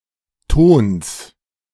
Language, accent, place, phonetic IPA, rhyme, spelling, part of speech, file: German, Germany, Berlin, [toːns], -oːns, Tons, noun, De-Tons.ogg
- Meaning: genitive singular of Ton